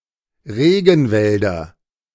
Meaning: nominative/accusative/genitive plural of Regenwald
- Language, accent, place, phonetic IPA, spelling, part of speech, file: German, Germany, Berlin, [ˈʁeːɡn̩ˌvɛldɐ], Regenwälder, noun, De-Regenwälder.ogg